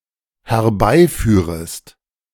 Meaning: second-person singular dependent subjunctive I of herbeiführen
- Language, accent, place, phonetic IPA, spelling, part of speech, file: German, Germany, Berlin, [hɛɐ̯ˈbaɪ̯ˌfyːʁəst], herbeiführest, verb, De-herbeiführest.ogg